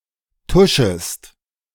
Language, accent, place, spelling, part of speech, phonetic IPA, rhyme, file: German, Germany, Berlin, tuschest, verb, [ˈtʊʃəst], -ʊʃəst, De-tuschest.ogg
- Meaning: second-person singular subjunctive I of tuschen